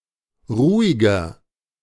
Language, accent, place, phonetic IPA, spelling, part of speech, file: German, Germany, Berlin, [ˈʁuːɪɡɐ], ruhiger, adjective, De-ruhiger.ogg
- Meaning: 1. comparative degree of ruhig 2. inflection of ruhig: strong/mixed nominative masculine singular 3. inflection of ruhig: strong genitive/dative feminine singular